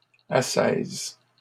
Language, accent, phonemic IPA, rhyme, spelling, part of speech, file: French, Canada, /a.sɛz/, -ɛz, ascèse, noun, LL-Q150 (fra)-ascèse.wav
- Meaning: 1. asceticism 2. ascesis